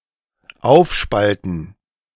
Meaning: to split up
- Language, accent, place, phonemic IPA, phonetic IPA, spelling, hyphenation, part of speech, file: German, Germany, Berlin, /ˈaʊ̯fˌʃpaltən/, [ˈʔaʊ̯fˌʃpaltn̩], aufspalten, auf‧spal‧ten, verb, De-aufspalten.ogg